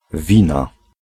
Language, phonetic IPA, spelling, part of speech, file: Polish, [ˈvʲĩna], wina, noun, Pl-wina.ogg